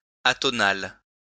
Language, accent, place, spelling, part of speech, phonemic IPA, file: French, France, Lyon, atonal, adjective, /a.tɔ.nal/, LL-Q150 (fra)-atonal.wav
- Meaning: atonal